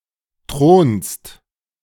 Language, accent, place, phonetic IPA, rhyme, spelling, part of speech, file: German, Germany, Berlin, [tʁoːnst], -oːnst, thronst, verb, De-thronst.ogg
- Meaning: second-person singular present of thronen